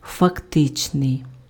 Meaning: 1. actual 2. factual
- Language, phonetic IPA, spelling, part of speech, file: Ukrainian, [fɐkˈtɪt͡ʃnei̯], фактичний, adjective, Uk-фактичний.ogg